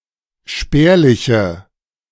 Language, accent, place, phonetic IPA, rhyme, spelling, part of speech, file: German, Germany, Berlin, [ˈʃpɛːɐ̯lɪçə], -ɛːɐ̯lɪçə, spärliche, adjective, De-spärliche.ogg
- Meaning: inflection of spärlich: 1. strong/mixed nominative/accusative feminine singular 2. strong nominative/accusative plural 3. weak nominative all-gender singular